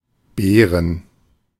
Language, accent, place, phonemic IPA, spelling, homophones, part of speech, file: German, Germany, Berlin, /ˈbeːʁən/, Beeren, Bären, noun, De-Beeren.ogg
- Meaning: plural of Beere